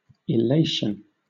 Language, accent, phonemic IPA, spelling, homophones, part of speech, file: English, Southern England, /ɪˈleɪʃ(ə)n/, illation, elation, noun, LL-Q1860 (eng)-illation.wav
- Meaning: The act of inferring or concluding, especially from a set of premises; a conclusion, a deduction